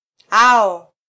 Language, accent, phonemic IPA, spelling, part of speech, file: Swahili, Kenya, /ˈɑ.ɔ/, ao, adjective, Sw-ke-ao.flac
- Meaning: their (third-person plural animate possessive adjective)